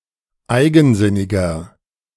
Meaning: 1. comparative degree of eigensinnig 2. inflection of eigensinnig: strong/mixed nominative masculine singular 3. inflection of eigensinnig: strong genitive/dative feminine singular
- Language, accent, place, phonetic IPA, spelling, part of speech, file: German, Germany, Berlin, [ˈaɪ̯ɡn̩ˌzɪnɪɡɐ], eigensinniger, adjective, De-eigensinniger.ogg